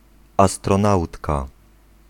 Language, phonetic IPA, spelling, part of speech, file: Polish, [ˌastrɔ̃ˈnawtka], astronautka, noun, Pl-astronautka.ogg